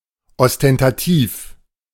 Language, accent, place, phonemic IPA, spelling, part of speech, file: German, Germany, Berlin, /ɔstɛntaˈtiːf/, ostentativ, adjective, De-ostentativ.ogg
- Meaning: ostentatious